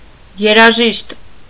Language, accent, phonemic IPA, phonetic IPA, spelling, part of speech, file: Armenian, Eastern Armenian, /jeɾɑˈʒiʃt/, [jeɾɑʒíʃt], երաժիշտ, noun, Hy-երաժիշտ.ogg
- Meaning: musician